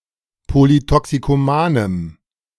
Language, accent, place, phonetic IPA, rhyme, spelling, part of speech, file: German, Germany, Berlin, [ˌpolitɔksikoˈmaːnəm], -aːnəm, polytoxikomanem, adjective, De-polytoxikomanem.ogg
- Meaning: strong dative masculine/neuter singular of polytoxikoman